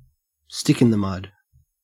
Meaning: 1. A person unwilling to participate in activities; a curmudgeon or party pooper 2. More generally, one who is slow, old-fashioned, or unprogressive; an old fogey
- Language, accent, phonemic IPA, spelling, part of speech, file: English, Australia, /ˈstɪk.ɪn.ðəˌmʌd/, stick in the mud, noun, En-au-stick in the mud.ogg